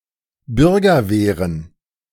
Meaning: plural of Bürgerwehr
- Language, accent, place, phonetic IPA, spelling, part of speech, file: German, Germany, Berlin, [ˈbʏʁɡɐˌveːʁən], Bürgerwehren, noun, De-Bürgerwehren.ogg